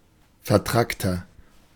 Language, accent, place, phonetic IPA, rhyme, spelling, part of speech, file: German, Germany, Berlin, [fɛɐ̯ˈtʁaktɐ], -aktɐ, vertrackter, adjective, De-vertrackter.ogg
- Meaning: 1. comparative degree of vertrackt 2. inflection of vertrackt: strong/mixed nominative masculine singular 3. inflection of vertrackt: strong genitive/dative feminine singular